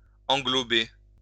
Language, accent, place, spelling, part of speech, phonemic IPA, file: French, France, Lyon, englober, verb, /ɑ̃.ɡlɔ.be/, LL-Q150 (fra)-englober.wav
- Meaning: to include, to encompass